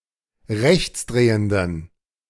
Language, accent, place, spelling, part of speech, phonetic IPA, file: German, Germany, Berlin, rechtsdrehenden, adjective, [ˈʁɛçt͡sˌdʁeːəndn̩], De-rechtsdrehenden.ogg
- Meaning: inflection of rechtsdrehend: 1. strong genitive masculine/neuter singular 2. weak/mixed genitive/dative all-gender singular 3. strong/weak/mixed accusative masculine singular 4. strong dative plural